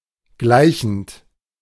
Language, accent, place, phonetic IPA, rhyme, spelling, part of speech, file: German, Germany, Berlin, [ˈɡlaɪ̯çn̩t], -aɪ̯çn̩t, gleichend, verb, De-gleichend.ogg
- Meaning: present participle of gleichen